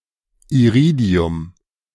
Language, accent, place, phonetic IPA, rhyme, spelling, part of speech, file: German, Germany, Berlin, [iˈʁiːdi̯ʊm], -iːdi̯ʊm, Iridium, noun, De-Iridium.ogg
- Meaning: iridium